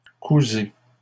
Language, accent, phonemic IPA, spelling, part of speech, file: French, Canada, /ku.ze/, cousez, verb, LL-Q150 (fra)-cousez.wav
- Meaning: inflection of coudre: 1. second-person plural present indicative 2. second-person plural imperative